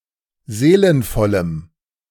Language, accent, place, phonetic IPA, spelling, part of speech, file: German, Germany, Berlin, [ˈzeːlənfɔləm], seelenvollem, adjective, De-seelenvollem.ogg
- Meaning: strong dative masculine/neuter singular of seelenvoll